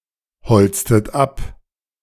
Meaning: inflection of abholzen: 1. second-person plural preterite 2. second-person plural subjunctive II
- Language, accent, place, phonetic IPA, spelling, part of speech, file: German, Germany, Berlin, [ˌhɔlt͡stət ˈap], holztet ab, verb, De-holztet ab.ogg